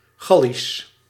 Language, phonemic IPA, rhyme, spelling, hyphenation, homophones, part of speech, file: Dutch, /ˈɣɑ.lis/, -ɑlis, Gallisch, Gal‧lisch, gallisch, adjective / proper noun, Nl-Gallisch.ogg
- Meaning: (adjective) Gaulish; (proper noun) Gaulish (ancient Celtic language spoken in Gaul and other parts of Europe)